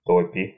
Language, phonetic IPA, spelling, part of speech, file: Russian, [tɐˈpʲi], топи, verb, Ru-то́пи.ogg
- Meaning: second-person singular imperative imperfective of топи́ть (topítʹ)